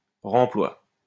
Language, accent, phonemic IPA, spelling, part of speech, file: French, France, /ʁɑ̃.plwa/, remploi, noun, LL-Q150 (fra)-remploi.wav
- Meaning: reuse